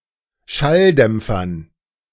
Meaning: dative plural of Schalldämpfer
- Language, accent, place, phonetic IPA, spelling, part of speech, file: German, Germany, Berlin, [ˈʃalˌdɛmp͡fɐn], Schalldämpfern, noun, De-Schalldämpfern.ogg